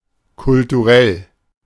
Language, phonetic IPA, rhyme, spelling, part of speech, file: German, [kʊltuˈʁɛl], -ɛl, kulturell, adjective, De-kulturell.oga
- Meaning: cultural